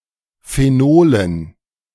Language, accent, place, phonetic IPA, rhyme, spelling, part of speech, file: German, Germany, Berlin, [feˈnoːlən], -oːlən, Phenolen, noun, De-Phenolen.ogg
- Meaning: dative plural of Phenol